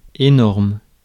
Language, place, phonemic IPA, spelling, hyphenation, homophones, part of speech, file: French, Paris, /e.nɔʁm/, énorme, é‧norme, énormes, adjective, Fr-énorme.ogg
- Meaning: enormous, huge